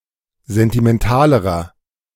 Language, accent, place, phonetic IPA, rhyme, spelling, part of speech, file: German, Germany, Berlin, [ˌzɛntimɛnˈtaːləʁɐ], -aːləʁɐ, sentimentalerer, adjective, De-sentimentalerer.ogg
- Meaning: inflection of sentimental: 1. strong/mixed nominative masculine singular comparative degree 2. strong genitive/dative feminine singular comparative degree 3. strong genitive plural comparative degree